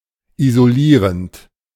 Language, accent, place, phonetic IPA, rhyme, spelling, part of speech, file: German, Germany, Berlin, [izoˈliːʁənt], -iːʁənt, isolierend, verb, De-isolierend.ogg
- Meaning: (verb) present participle of isolieren; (adjective) insulating